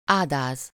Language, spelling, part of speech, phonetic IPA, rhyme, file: Hungarian, ádáz, adjective, [ˈaːdaːz], -aːz, Hu-ádáz.ogg
- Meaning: ferocious, fierce